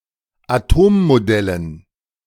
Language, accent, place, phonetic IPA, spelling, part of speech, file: German, Germany, Berlin, [aˈtoːmmoˌdɛlən], Atommodellen, noun, De-Atommodellen.ogg
- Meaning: dative plural of Atommodell